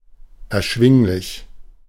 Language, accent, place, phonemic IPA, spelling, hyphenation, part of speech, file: German, Germany, Berlin, /ɛʁˈʃvɪŋlɪç/, erschwinglich, er‧schwing‧lich, adjective, De-erschwinglich.ogg
- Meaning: affordable